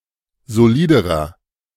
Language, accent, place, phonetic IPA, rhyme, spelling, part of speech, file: German, Germany, Berlin, [zoˈliːdəʁɐ], -iːdəʁɐ, soliderer, adjective, De-soliderer.ogg
- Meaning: inflection of solid: 1. strong/mixed nominative masculine singular comparative degree 2. strong genitive/dative feminine singular comparative degree 3. strong genitive plural comparative degree